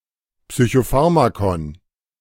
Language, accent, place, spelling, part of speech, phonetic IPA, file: German, Germany, Berlin, Psychopharmakon, noun, [psyçoˈfaʁmakɔn], De-Psychopharmakon.ogg
- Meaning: psychoactive drug (psychiatric medication)